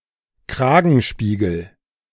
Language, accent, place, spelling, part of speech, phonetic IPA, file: German, Germany, Berlin, Kragenspiegel, noun, [ˈkʁaːɡn̩ˌʃpiːɡl̩], De-Kragenspiegel.ogg
- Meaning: collar tab, gorget patch, collar patch